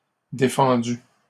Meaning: feminine plural of défendu
- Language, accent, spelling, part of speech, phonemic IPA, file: French, Canada, défendues, verb, /de.fɑ̃.dy/, LL-Q150 (fra)-défendues.wav